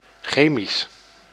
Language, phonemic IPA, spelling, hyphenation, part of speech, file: Dutch, /ˈxeːmis/, chemisch, che‧misch, adjective, Nl-chemisch.ogg
- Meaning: chemical, relating to or produced by chemistry